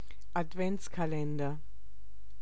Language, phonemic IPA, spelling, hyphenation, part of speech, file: German, /ʔatˈvɛntskaˌlɛndɐ/, Adventskalender, Ad‧vents‧ka‧len‧der, noun, De-Adventskalender.ogg
- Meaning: Advent calendar